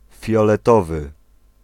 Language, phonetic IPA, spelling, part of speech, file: Polish, [ˌfʲjɔlɛˈtɔvɨ], fioletowy, adjective, Pl-fioletowy.ogg